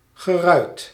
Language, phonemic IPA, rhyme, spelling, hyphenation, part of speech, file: Dutch, /ɣəˈrœy̯t/, -œy̯t, geruit, ge‧ruit, adjective, Nl-geruit.ogg
- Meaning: 1. checkered, marked in a pattern of squares or diamonds 2. shaped like a diamond (or rectangle or square) 3. fit with glass panes